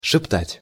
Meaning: to whisper (to talk in a quiet voice)
- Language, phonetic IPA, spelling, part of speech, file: Russian, [ʂɨpˈtatʲ], шептать, verb, Ru-шептать.ogg